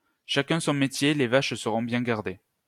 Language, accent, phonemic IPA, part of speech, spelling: French, France, /ʃa.kœ̃ sɔ̃ me.tje | le vaʃ sə.ʁɔ̃ bjɛ̃ ɡaʁ.de/, proverb, chacun son métier, les vaches seront bien gardées
- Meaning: horses for courses; cobbler, keep to your last; each to their own trade (one should stick to what they know)